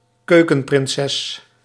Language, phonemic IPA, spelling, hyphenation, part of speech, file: Dutch, /ˈkøː.kə(n).prɪnˌsɛs/, keukenprinses, keu‧ken‧prin‧ses, noun, Nl-keukenprinses.ogg
- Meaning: a woman who is good at and enjoys cooking non-professionally